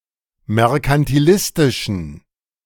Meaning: inflection of merkantilistisch: 1. strong genitive masculine/neuter singular 2. weak/mixed genitive/dative all-gender singular 3. strong/weak/mixed accusative masculine singular
- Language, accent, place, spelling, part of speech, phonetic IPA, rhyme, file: German, Germany, Berlin, merkantilistischen, adjective, [mɛʁkantiˈlɪstɪʃn̩], -ɪstɪʃn̩, De-merkantilistischen.ogg